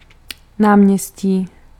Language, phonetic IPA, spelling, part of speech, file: Czech, [ˈnaːmɲɛsciː], náměstí, noun, Cs-náměstí.ogg
- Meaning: square (open space in a town)